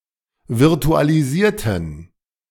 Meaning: inflection of virtualisieren: 1. first/third-person plural preterite 2. first/third-person plural subjunctive II
- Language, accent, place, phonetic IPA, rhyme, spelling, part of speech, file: German, Germany, Berlin, [vɪʁtualiˈziːɐ̯tn̩], -iːɐ̯tn̩, virtualisierten, adjective / verb, De-virtualisierten.ogg